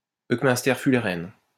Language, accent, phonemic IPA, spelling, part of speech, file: French, France, /bœk.mɛ̃s.tɛʁ.fyl.ʁɛn/, buckminsterfullerène, noun, LL-Q150 (fra)-buckminsterfullerène.wav
- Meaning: buckminsterfullerene